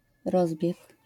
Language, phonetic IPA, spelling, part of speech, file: Polish, [ˈrɔzbʲjɛk], rozbieg, noun, LL-Q809 (pol)-rozbieg.wav